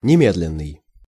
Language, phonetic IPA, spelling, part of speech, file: Russian, [nʲɪˈmʲedlʲɪn(ː)ɨj], немедленный, adjective, Ru-немедленный.ogg
- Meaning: immediate